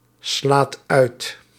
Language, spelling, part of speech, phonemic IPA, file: Dutch, slaat uit, verb, /ˈslat ˈœyt/, Nl-slaat uit.ogg
- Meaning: inflection of uitslaan: 1. second/third-person singular present indicative 2. plural imperative